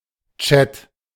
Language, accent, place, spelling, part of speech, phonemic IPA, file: German, Germany, Berlin, Chat, noun, /tʃɛt/, De-Chat.ogg
- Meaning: A chat, exchange of text or voice messages in real time, notably by Internet